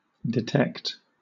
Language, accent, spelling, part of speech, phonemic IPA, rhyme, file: English, Southern England, detect, verb / adjective, /dɪˈtɛkt/, -ɛkt, LL-Q1860 (eng)-detect.wav
- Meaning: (verb) 1. To discover or notice, especially by careful search, examination, or probing 2. To work or solve cases as a detective; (adjective) Detected